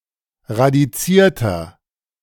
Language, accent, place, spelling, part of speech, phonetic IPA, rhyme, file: German, Germany, Berlin, radizierter, adjective, [ʁadiˈt͡siːɐ̯tɐ], -iːɐ̯tɐ, De-radizierter.ogg
- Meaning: inflection of radiziert: 1. strong/mixed nominative masculine singular 2. strong genitive/dative feminine singular 3. strong genitive plural